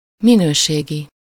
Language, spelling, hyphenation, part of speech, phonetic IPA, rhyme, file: Hungarian, minőségi, mi‧nő‧sé‧gi, adjective, [ˈminøːʃeːɡi], -ɡi, Hu-minőségi.ogg
- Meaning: qualitative, quality